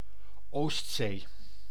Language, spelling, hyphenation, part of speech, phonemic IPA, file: Dutch, Oostzee, Oost‧zee, proper noun, /ˈoː(st)seː/, Nl-Oostzee.ogg
- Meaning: Baltic Sea (a sea in Northern Europe, an arm of the Atlantic enclosed by Denmark, Estonia, Finland, Germany, Latvia, Lithuania, Poland, Russia and Sweden)